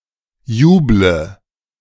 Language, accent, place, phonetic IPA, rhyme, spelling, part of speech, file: German, Germany, Berlin, [ˈjuːblə], -uːblə, juble, verb, De-juble.ogg
- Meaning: inflection of jubeln: 1. first-person singular present 2. first/third-person singular subjunctive I 3. singular imperative